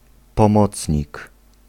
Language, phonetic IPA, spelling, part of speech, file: Polish, [pɔ̃ˈmɔt͡sʲɲik], pomocnik, noun, Pl-pomocnik.ogg